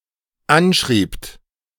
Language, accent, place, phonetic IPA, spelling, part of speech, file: German, Germany, Berlin, [ˈanˌʃʁiːpt], anschriebt, verb, De-anschriebt.ogg
- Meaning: second-person plural dependent preterite of anschreiben